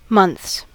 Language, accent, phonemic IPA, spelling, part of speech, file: English, US, /mʌnθs/, months, noun, En-us-months.ogg
- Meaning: 1. plural of month 2. A person's period; menstrual discharge